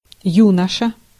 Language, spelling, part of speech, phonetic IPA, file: Russian, юноша, noun, [ˈjunəʂə], Ru-юноша.ogg
- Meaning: 1. youngster, male youth 2. young man